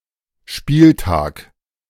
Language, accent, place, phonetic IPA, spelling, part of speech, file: German, Germany, Berlin, [ˈʃpiːlˌtaːk], Spieltag, noun, De-Spieltag.ogg
- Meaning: matchday